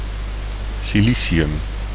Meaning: silicon (chemical element with atomic number 14)
- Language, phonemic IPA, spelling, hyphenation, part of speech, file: Dutch, /ˌsiˈli.si.ʏm/, silicium, si‧li‧ci‧um, noun, Nl-silicium.ogg